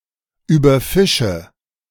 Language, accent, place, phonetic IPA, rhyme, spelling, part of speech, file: German, Germany, Berlin, [yːbɐˈfɪʃə], -ɪʃə, überfische, verb, De-überfische.ogg
- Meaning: inflection of überfischen: 1. first-person singular present 2. first/third-person singular subjunctive I 3. singular imperative